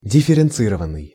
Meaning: 1. past passive imperfective participle of дифференци́ровать (differencírovatʹ) 2. past passive perfective participle of дифференци́ровать (differencírovatʹ)
- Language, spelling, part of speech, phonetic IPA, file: Russian, дифференцированный, verb, [dʲɪfʲɪrʲɪnˈt͡sɨrəvən(ː)ɨj], Ru-дифференцированный.ogg